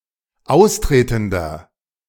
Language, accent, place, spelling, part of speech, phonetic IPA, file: German, Germany, Berlin, austretender, adjective, [ˈaʊ̯sˌtʁeːtn̩dɐ], De-austretender.ogg
- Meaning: inflection of austretend: 1. strong/mixed nominative masculine singular 2. strong genitive/dative feminine singular 3. strong genitive plural